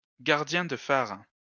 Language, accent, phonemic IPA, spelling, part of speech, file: French, France, /ɡaʁ.djɛ̃ d(ə) faʁ/, gardien de phare, noun, LL-Q150 (fra)-gardien de phare.wav
- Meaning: lighthouse keeper